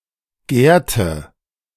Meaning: 1. third-person singular preterite of gären (in the sense "to seethe") 2. third-person singular subjunctive II of gären (in the sense "to seethe")
- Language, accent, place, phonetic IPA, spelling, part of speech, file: German, Germany, Berlin, [ɡɛɐ̯.tə], gärte, verb, De-gärte.ogg